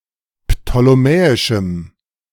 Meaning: strong dative masculine/neuter singular of ptolemäisch
- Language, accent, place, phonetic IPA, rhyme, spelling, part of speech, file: German, Germany, Berlin, [ptoleˈmɛːɪʃm̩], -ɛːɪʃm̩, ptolemäischem, adjective, De-ptolemäischem.ogg